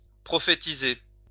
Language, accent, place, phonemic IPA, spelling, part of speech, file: French, France, Lyon, /pʁɔ.fe.ti.ze/, prophétiser, verb, LL-Q150 (fra)-prophétiser.wav
- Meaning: to prophetize